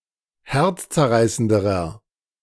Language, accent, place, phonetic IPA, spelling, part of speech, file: German, Germany, Berlin, [ˈhɛʁt͡st͡sɛɐ̯ˌʁaɪ̯səndəʁɐ], herzzerreißenderer, adjective, De-herzzerreißenderer.ogg
- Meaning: inflection of herzzerreißend: 1. strong/mixed nominative masculine singular comparative degree 2. strong genitive/dative feminine singular comparative degree